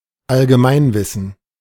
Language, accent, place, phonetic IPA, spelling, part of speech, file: German, Germany, Berlin, [alɡəˈmaɪ̯nˌvɪsn̩], Allgemeinwissen, noun, De-Allgemeinwissen.ogg
- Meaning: general knowledge